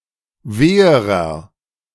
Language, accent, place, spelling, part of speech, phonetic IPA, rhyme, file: German, Germany, Berlin, weherer, adjective, [ˈveːəʁɐ], -eːəʁɐ, De-weherer.ogg
- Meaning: inflection of weh: 1. strong/mixed nominative masculine singular comparative degree 2. strong genitive/dative feminine singular comparative degree 3. strong genitive plural comparative degree